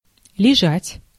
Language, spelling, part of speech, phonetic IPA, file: Russian, лежать, verb, [lʲɪˈʐatʲ], Ru-лежать.ogg
- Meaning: 1. to lie (to be in a horizontal position) 2. to be situated 3. to rest, to be incumbent